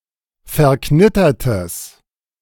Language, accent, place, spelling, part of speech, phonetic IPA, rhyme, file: German, Germany, Berlin, verknittertes, adjective, [fɛɐ̯ˈknɪtɐtəs], -ɪtɐtəs, De-verknittertes.ogg
- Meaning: strong/mixed nominative/accusative neuter singular of verknittert